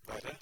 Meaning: 1. worse; comparative degree of dårlig 2. worse; comparative degree of vond 3. comparative degree of ille 4. comparative degree of ond
- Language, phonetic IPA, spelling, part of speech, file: Norwegian Bokmål, [ˈʋɛ̝̂ɾ.ɾɛ̝], verre, adjective, No-verre.ogg